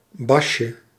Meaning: diminutive of bas
- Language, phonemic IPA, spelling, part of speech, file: Dutch, /ˈbɑʃə/, basje, noun, Nl-basje.ogg